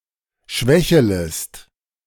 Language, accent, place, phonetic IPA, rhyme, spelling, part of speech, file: German, Germany, Berlin, [ˈʃvɛçələst], -ɛçələst, schwächelest, verb, De-schwächelest.ogg
- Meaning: second-person singular subjunctive I of schwächeln